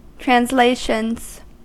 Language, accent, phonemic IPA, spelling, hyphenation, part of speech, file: English, US, /tɹænzˈleɪʃənz/, translations, trans‧lat‧ions, noun, En-us-translations.ogg
- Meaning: plural of translation